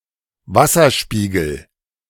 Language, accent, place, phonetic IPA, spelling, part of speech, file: German, Germany, Berlin, [ˈvasɐˌʃpiːɡl̩], Wasserspiegel, noun, De-Wasserspiegel.ogg
- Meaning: water level